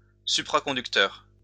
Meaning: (noun) superconductor; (adjective) superconducting
- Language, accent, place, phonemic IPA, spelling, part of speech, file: French, France, Lyon, /sy.pʁa.kɔ̃.dyk.tœʁ/, supraconducteur, noun / adjective, LL-Q150 (fra)-supraconducteur.wav